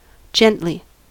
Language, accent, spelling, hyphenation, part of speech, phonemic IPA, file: English, US, gently, gen‧tly, adverb, /ˈd͡ʒɛntli/, En-us-gently.ogg
- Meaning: In a manner characterized by gentleness: 1. Without strong force or quickness: softly, lightly 2. In a gentle manner; to a gentle degree 3. Quietly: without much noise or motion